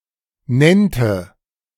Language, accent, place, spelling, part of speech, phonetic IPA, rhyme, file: German, Germany, Berlin, nennte, verb, [ˈnɛntə], -ɛntə, De-nennte.ogg
- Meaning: first/third-person singular subjunctive II of nennen